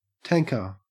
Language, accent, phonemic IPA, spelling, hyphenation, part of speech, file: English, Australia, /ˈtæŋkə/, tanker, tan‧ker, noun / verb, En-au-tanker.ogg
- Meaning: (noun) A tankship, a vessel used to transport large quantities of fluid